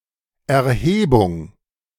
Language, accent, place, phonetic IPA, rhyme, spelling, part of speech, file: German, Germany, Berlin, [ɛɐ̯ˈheːbʊŋ], -eːbʊŋ, Erhebung, noun, De-Erhebung.ogg
- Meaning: 1. elevation 2. uprising 3. survey 4. levy